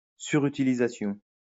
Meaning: overuse (excessive use)
- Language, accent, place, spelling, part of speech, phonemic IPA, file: French, France, Lyon, surutilisation, noun, /sy.ʁy.ti.li.za.sjɔ̃/, LL-Q150 (fra)-surutilisation.wav